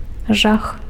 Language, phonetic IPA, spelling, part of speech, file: Belarusian, [ʐax], жах, noun, Be-жах.ogg
- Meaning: horror, terror, fear, nightmare